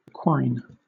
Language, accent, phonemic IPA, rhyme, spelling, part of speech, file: English, Southern England, /kwaɪn/, -aɪn, quine, noun / verb / adjective, LL-Q1860 (eng)-quine.wav
- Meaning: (noun) A program that produces its own source code as output; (verb) 1. To append (a text) to a quotation of itself 2. To deny the existence or significance of (something obviously real or important)